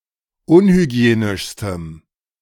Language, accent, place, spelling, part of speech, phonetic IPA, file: German, Germany, Berlin, unhygienischstem, adjective, [ˈʊnhyˌɡi̯eːnɪʃstəm], De-unhygienischstem.ogg
- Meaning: strong dative masculine/neuter singular superlative degree of unhygienisch